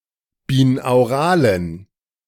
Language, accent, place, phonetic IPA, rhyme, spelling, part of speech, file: German, Germany, Berlin, [biːnaʊ̯ˈʁaːlən], -aːlən, binauralen, adjective, De-binauralen.ogg
- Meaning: inflection of binaural: 1. strong genitive masculine/neuter singular 2. weak/mixed genitive/dative all-gender singular 3. strong/weak/mixed accusative masculine singular 4. strong dative plural